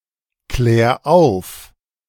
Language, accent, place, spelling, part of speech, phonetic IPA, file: German, Germany, Berlin, klär auf, verb, [ˌklɛːɐ̯ ˈaʊ̯f], De-klär auf.ogg
- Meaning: 1. singular imperative of aufklären 2. first-person singular present of aufklären